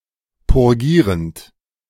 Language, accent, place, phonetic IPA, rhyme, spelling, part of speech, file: German, Germany, Berlin, [pʊʁˈɡiːʁənt], -iːʁənt, purgierend, verb, De-purgierend.ogg
- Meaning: present participle of purgieren